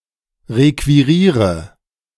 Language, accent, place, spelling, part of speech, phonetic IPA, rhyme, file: German, Germany, Berlin, requiriere, verb, [ˌʁekviˈʁiːʁə], -iːʁə, De-requiriere.ogg
- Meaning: inflection of requirieren: 1. first-person singular present 2. first/third-person singular subjunctive I 3. singular imperative